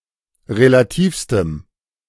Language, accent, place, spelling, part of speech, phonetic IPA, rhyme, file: German, Germany, Berlin, relativstem, adjective, [ʁelaˈtiːfstəm], -iːfstəm, De-relativstem.ogg
- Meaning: strong dative masculine/neuter singular superlative degree of relativ